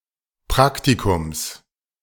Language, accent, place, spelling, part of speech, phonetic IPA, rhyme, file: German, Germany, Berlin, Praktikums, noun, [ˈpʁaktikʊms], -aktikʊms, De-Praktikums.ogg
- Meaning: genitive singular of Praktikum